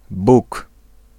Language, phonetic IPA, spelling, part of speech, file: Polish, [buk], Buk, proper noun, Pl-Buk.ogg